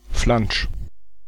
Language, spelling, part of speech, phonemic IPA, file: German, Flansch, noun, /flanʃ/, De-Flansch.ogg
- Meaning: flange (projecting edge at the end of component (esp. of metal) to fasten to or anchor with other parts, now especially of pipes)